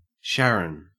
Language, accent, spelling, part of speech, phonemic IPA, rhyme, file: English, Australia, Sharon, proper noun / noun, /ˈʃæɹən/, -æɹən, En-au-Sharon.ogg
- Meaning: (proper noun) 1. A plain in Israel 2. A female given name from Hebrew derived from the biblical place name 3. A unisex given name from Hebrew derived from the biblical place name 4. A surname